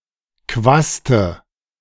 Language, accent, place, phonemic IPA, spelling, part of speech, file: German, Germany, Berlin, /ˈkvastə/, Quaste, noun, De-Quaste.ogg
- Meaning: tassel